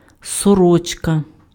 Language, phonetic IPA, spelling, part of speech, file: Ukrainian, [sɔˈrɔt͡ʃkɐ], сорочка, noun, Uk-сорочка.ogg
- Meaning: 1. shirt, button-up shirt 2. chemise, shift, nightdress, nightgown